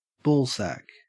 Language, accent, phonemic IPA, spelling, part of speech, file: English, Australia, /ˈbɔːlsæk/, ballsack, noun, En-au-ballsack.ogg
- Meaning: Alternative form of ball sack